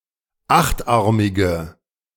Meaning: inflection of achtarmig: 1. strong/mixed nominative/accusative feminine singular 2. strong nominative/accusative plural 3. weak nominative all-gender singular
- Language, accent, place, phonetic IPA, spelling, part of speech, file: German, Germany, Berlin, [ˈaxtˌʔaʁmɪɡə], achtarmige, adjective, De-achtarmige.ogg